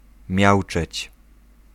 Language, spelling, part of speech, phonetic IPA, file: Polish, miauczeć, verb, [ˈmʲjawt͡ʃɛt͡ɕ], Pl-miauczeć.ogg